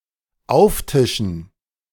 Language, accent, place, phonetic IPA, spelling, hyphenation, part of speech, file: German, Germany, Berlin, [ˈaʊ̯fˌtɪʃn̩], auftischen, auf‧ti‧schen, verb, De-auftischen.ogg
- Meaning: to serve up